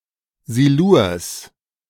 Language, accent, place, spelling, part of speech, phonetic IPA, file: German, Germany, Berlin, Silurs, noun, [ziluːɐ̯s], De-Silurs.ogg
- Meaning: genitive singular of Silur